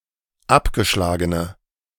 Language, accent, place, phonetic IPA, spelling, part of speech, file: German, Germany, Berlin, [ˈapɡəˌʃlaːɡənə], abgeschlagene, adjective, De-abgeschlagene.ogg
- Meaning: inflection of abgeschlagen: 1. strong/mixed nominative/accusative feminine singular 2. strong nominative/accusative plural 3. weak nominative all-gender singular